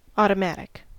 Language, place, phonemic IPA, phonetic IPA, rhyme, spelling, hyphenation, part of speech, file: English, California, /ˌɔː.təˈmæt.ɪk/, [ˌɔː.ɾəˈmæɾ.ɪk], -ætɪk, automatic, au‧to‧mat‧ic, adjective / noun, En-us-automatic.ogg
- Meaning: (adjective) 1. Capable of operating without external control or intervention 2. Done out of habit or without conscious thought 3. Necessary, inevitable, prescribed by logic, law, etc